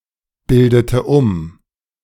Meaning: inflection of umbilden: 1. first/third-person singular preterite 2. first/third-person singular subjunctive II
- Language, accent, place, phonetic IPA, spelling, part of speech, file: German, Germany, Berlin, [ˌbɪldətə ˈʊm], bildete um, verb, De-bildete um.ogg